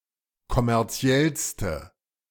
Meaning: inflection of kommerziell: 1. strong/mixed nominative/accusative feminine singular superlative degree 2. strong nominative/accusative plural superlative degree
- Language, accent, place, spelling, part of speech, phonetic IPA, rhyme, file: German, Germany, Berlin, kommerziellste, adjective, [kɔmɛʁˈt͡si̯ɛlstə], -ɛlstə, De-kommerziellste.ogg